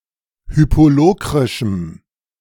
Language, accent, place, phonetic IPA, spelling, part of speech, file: German, Germany, Berlin, [ˈhyːpoˌloːkʁɪʃm̩], hypolokrischem, adjective, De-hypolokrischem.ogg
- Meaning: strong dative masculine/neuter singular of hypolokrisch